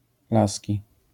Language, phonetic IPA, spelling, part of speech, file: Polish, [ˈlasʲci], Laski, noun, LL-Q809 (pol)-Laski.wav